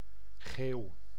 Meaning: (noun) yawn; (verb) inflection of geeuwen: 1. first-person singular present indicative 2. second-person singular present indicative 3. imperative
- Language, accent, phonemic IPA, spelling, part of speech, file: Dutch, Netherlands, /ɣeːu̯/, geeuw, noun / verb, Nl-geeuw.ogg